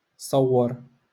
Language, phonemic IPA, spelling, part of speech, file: Moroccan Arabic, /sˤaw.war/, صور, verb, LL-Q56426 (ary)-صور.wav
- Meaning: to photograph